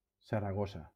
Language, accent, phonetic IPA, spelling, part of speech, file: Catalan, Valencia, [sa.ɾaˈɣɔ.sa], Saragossa, proper noun, LL-Q7026 (cat)-Saragossa.wav
- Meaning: 1. Zaragoza (a province of Aragon, Spain; capital: Zaragoza) 2. Zaragoza (a city in Zaragoza, Spain)